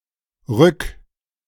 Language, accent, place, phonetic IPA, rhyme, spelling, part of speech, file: German, Germany, Berlin, [ʁʏk], -ʏk, rück, verb, De-rück.ogg
- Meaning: 1. singular imperative of rücken 2. first-person singular present of rücken